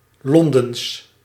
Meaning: of, from or pertaining to London
- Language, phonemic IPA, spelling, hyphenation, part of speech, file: Dutch, /ˈlɔn.dəns/, Londens, Lon‧dens, adjective, Nl-Londens.ogg